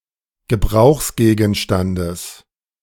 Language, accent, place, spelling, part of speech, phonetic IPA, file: German, Germany, Berlin, Gebrauchsgegenstandes, noun, [ɡəˈbʁaʊ̯xsɡeːɡn̩ˌʃtandəs], De-Gebrauchsgegenstandes.ogg
- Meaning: genitive singular of Gebrauchsgegenstand